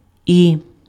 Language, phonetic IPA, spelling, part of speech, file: Ukrainian, [i], і, character / conjunction / particle / interjection, Uk-і.ogg
- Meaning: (character) The twelfth letter of the Ukrainian alphabet, called і (i) and written in the Cyrillic script; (conjunction) and, also, even; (particle) Augmentative particle, even, and